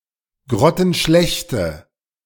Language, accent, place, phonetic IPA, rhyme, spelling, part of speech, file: German, Germany, Berlin, [ˌɡʁɔtn̩ˈʃlɛçtə], -ɛçtə, grottenschlechte, adjective, De-grottenschlechte.ogg
- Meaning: inflection of grottenschlecht: 1. strong/mixed nominative/accusative feminine singular 2. strong nominative/accusative plural 3. weak nominative all-gender singular